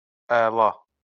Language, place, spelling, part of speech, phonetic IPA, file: Azerbaijani, Baku, ala, adjective / noun / interjection, [ɑˈɫɑ], LL-Q9292 (aze)-ala.wav
- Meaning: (adjective) 1. variegated 2. blue (of eyes); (noun) vitiligo (the patchy loss of skin pigmentation.); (interjection) dude